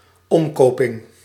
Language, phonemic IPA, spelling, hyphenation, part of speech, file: Dutch, /ˈɔmkoːpɪŋ/, omkoping, om‧ko‧ping, noun, Nl-omkoping.ogg
- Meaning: bribery, corruptly paying off illegitimate favors